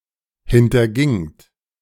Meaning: second-person plural preterite of hintergehen
- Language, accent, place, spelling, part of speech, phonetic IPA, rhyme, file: German, Germany, Berlin, hintergingt, verb, [hɪntɐˈɡɪŋt], -ɪŋt, De-hintergingt.ogg